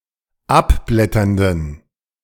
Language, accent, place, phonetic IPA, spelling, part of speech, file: German, Germany, Berlin, [ˈapˌblɛtɐndn̩], abblätternden, adjective, De-abblätternden.ogg
- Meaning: inflection of abblätternd: 1. strong genitive masculine/neuter singular 2. weak/mixed genitive/dative all-gender singular 3. strong/weak/mixed accusative masculine singular 4. strong dative plural